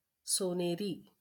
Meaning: golden
- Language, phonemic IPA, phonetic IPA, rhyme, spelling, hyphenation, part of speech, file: Marathi, /so.ne.ɾi/, [so.ne.ɾiː], -i, सोनेरी, सो‧ने‧री, adjective, LL-Q1571 (mar)-सोनेरी.wav